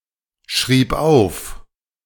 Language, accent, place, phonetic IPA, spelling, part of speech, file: German, Germany, Berlin, [ˌʃʁiːp ˈaʊ̯f], schrieb auf, verb, De-schrieb auf.ogg
- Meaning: first/third-person singular preterite of aufschreiben